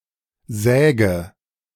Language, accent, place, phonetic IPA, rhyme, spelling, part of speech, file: German, Germany, Berlin, [ˈzɛːɡə], -ɛːɡə, säge, verb, De-säge.ogg
- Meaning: inflection of sägen: 1. first-person singular present 2. first/third-person singular subjunctive I 3. singular imperative